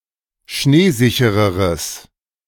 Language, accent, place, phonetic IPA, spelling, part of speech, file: German, Germany, Berlin, [ˈʃneːˌzɪçəʁəʁəs], schneesichereres, adjective, De-schneesichereres.ogg
- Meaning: strong/mixed nominative/accusative neuter singular comparative degree of schneesicher